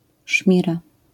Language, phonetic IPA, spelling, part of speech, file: Polish, [ˈʃmʲira], szmira, noun, LL-Q809 (pol)-szmira.wav